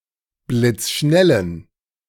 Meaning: inflection of blitzschnell: 1. strong genitive masculine/neuter singular 2. weak/mixed genitive/dative all-gender singular 3. strong/weak/mixed accusative masculine singular 4. strong dative plural
- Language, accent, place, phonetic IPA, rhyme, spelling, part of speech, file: German, Germany, Berlin, [blɪt͡sˈʃnɛlən], -ɛlən, blitzschnellen, adjective, De-blitzschnellen.ogg